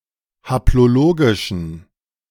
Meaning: inflection of haplologisch: 1. strong genitive masculine/neuter singular 2. weak/mixed genitive/dative all-gender singular 3. strong/weak/mixed accusative masculine singular 4. strong dative plural
- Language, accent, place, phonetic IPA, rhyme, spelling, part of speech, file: German, Germany, Berlin, [haploˈloːɡɪʃn̩], -oːɡɪʃn̩, haplologischen, adjective, De-haplologischen.ogg